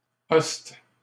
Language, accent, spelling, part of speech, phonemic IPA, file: French, Canada, ost, noun, /ɔst/, LL-Q150 (fra)-ost.wav
- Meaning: host, army